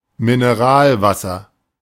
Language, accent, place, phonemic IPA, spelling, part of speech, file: German, Germany, Berlin, /mɪnəˈʁaːlˌvasɐ/, Mineralwasser, noun, De-Mineralwasser.ogg
- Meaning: mineral water, carbonated water